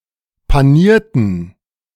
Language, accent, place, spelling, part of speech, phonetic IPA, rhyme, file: German, Germany, Berlin, panierten, adjective / verb, [paˈniːɐ̯tn̩], -iːɐ̯tn̩, De-panierten.ogg
- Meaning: inflection of panieren: 1. first/third-person plural preterite 2. first/third-person plural subjunctive II